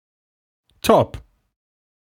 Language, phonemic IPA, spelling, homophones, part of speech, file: German, /tɔp/, Topp, top / Top / topp, noun, De-Topp.ogg
- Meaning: top of a mast